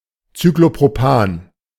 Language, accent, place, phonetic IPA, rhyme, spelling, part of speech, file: German, Germany, Berlin, [t͡syklopʁoˈpaːn], -aːn, Cyclopropan, noun, De-Cyclopropan.ogg
- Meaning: cyclopropane